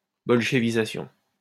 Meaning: Bolshevization
- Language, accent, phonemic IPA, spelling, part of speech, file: French, France, /bɔl.ʃə.vi.za.sjɔ̃/, bolchevisation, noun, LL-Q150 (fra)-bolchevisation.wav